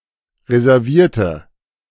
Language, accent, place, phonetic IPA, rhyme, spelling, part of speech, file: German, Germany, Berlin, [ʁezɛʁˈviːɐ̯tə], -iːɐ̯tə, reservierte, adjective / verb, De-reservierte.ogg
- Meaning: inflection of reservieren: 1. first/third-person singular preterite 2. first/third-person singular subjunctive II